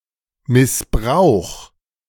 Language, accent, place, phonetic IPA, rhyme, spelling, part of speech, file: German, Germany, Berlin, [mɪsˈbʁaʊ̯x], -aʊ̯x, missbrauch, verb, De-missbrauch.ogg
- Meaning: 1. singular imperative of missbrauchen 2. first-person singular present of missbrauchen